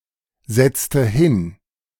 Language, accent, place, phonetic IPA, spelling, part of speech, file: German, Germany, Berlin, [ˌzɛt͡stə ˈhɪn], setzte hin, verb, De-setzte hin.ogg
- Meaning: inflection of hinsetzen: 1. first/third-person singular preterite 2. first/third-person singular subjunctive II